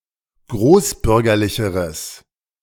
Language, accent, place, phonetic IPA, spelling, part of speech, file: German, Germany, Berlin, [ˈɡʁoːsˌbʏʁɡɐlɪçəʁəs], großbürgerlicheres, adjective, De-großbürgerlicheres.ogg
- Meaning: strong/mixed nominative/accusative neuter singular comparative degree of großbürgerlich